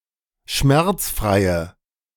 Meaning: inflection of schmerzfrei: 1. strong/mixed nominative/accusative feminine singular 2. strong nominative/accusative plural 3. weak nominative all-gender singular
- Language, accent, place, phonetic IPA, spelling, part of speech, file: German, Germany, Berlin, [ˈʃmɛʁt͡sˌfʁaɪ̯ə], schmerzfreie, adjective, De-schmerzfreie.ogg